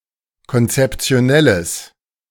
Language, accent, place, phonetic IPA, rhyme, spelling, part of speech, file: German, Germany, Berlin, [kɔnt͡sɛpt͡si̯oˈnɛləs], -ɛləs, konzeptionelles, adjective, De-konzeptionelles.ogg
- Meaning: strong/mixed nominative/accusative neuter singular of konzeptionell